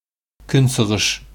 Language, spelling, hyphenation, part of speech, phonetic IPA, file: Bashkir, көнсығыш, көн‧сы‧ғыш, noun / adjective, [ˈkʏ̞n.sɯ̞.ˌʁɯ̞ʂ], Ba-көнсығыш.ogg
- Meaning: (noun) east; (adjective) eastern